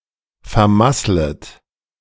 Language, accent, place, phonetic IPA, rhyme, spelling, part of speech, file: German, Germany, Berlin, [fɛɐ̯ˈmaslət], -aslət, vermasslet, verb, De-vermasslet.ogg
- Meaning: second-person plural subjunctive I of vermasseln